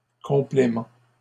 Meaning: plural of complément
- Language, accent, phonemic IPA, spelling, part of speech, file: French, Canada, /kɔ̃.ple.mɑ̃/, compléments, noun, LL-Q150 (fra)-compléments.wav